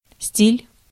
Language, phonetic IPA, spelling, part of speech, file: Russian, [sʲtʲilʲ], стиль, noun, Ru-стиль.ogg
- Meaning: 1. style 2. fashion 3. build, order 4. calendar, style